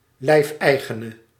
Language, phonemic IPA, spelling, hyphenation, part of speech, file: Dutch, /ˈlɛi̯fˌɛi̯.ɣə.nə/, lijfeigene, lijf‧ei‧ge‧ne, noun, Nl-lijfeigene.ogg
- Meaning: serf (person whose very bodily person is legally owned by a master, yet enjoying some legal (and religious-moral) protection)